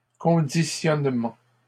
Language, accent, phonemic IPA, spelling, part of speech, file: French, Canada, /kɔ̃.di.sjɔn.mɑ̃/, conditionnement, noun, LL-Q150 (fra)-conditionnement.wav
- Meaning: conditioning